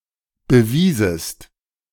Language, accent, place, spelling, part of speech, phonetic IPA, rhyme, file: German, Germany, Berlin, bewiesest, verb, [bəˈviːzəst], -iːzəst, De-bewiesest.ogg
- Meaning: second-person singular subjunctive II of beweisen